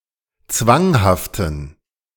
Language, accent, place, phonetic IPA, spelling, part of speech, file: German, Germany, Berlin, [ˈt͡svaŋhaftn̩], zwanghaften, adjective, De-zwanghaften.ogg
- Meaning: inflection of zwanghaft: 1. strong genitive masculine/neuter singular 2. weak/mixed genitive/dative all-gender singular 3. strong/weak/mixed accusative masculine singular 4. strong dative plural